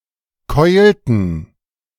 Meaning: inflection of keulen: 1. first/third-person plural preterite 2. first/third-person plural subjunctive II
- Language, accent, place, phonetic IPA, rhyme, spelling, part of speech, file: German, Germany, Berlin, [ˈkɔɪ̯ltn̩], -ɔɪ̯ltn̩, keulten, verb, De-keulten.ogg